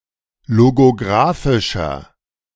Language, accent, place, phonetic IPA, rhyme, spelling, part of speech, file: German, Germany, Berlin, [loɡoˈɡʁaːfɪʃɐ], -aːfɪʃɐ, logographischer, adjective, De-logographischer.ogg
- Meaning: inflection of logographisch: 1. strong/mixed nominative masculine singular 2. strong genitive/dative feminine singular 3. strong genitive plural